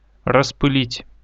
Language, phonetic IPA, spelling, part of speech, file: Russian, [rəspɨˈlʲitʲ], распылить, verb, Ru-распылить.ogg
- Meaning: 1. to spray, to atomize 2. to grind into dust, to pulverize 3. to dissipate 4. to distract